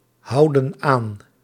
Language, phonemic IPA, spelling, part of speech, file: Dutch, /ˈhɑudə(n) ˈan/, houden aan, verb, Nl-houden aan.ogg
- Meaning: inflection of aanhouden: 1. plural present indicative 2. plural present subjunctive